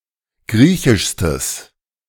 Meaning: strong/mixed nominative/accusative neuter singular superlative degree of griechisch
- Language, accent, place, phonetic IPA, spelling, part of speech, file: German, Germany, Berlin, [ˈɡʁiːçɪʃstəs], griechischstes, adjective, De-griechischstes.ogg